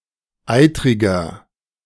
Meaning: 1. comparative degree of eitrig 2. inflection of eitrig: strong/mixed nominative masculine singular 3. inflection of eitrig: strong genitive/dative feminine singular
- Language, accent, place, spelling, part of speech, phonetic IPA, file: German, Germany, Berlin, eitriger, adjective, [ˈaɪ̯tʁɪɡɐ], De-eitriger.ogg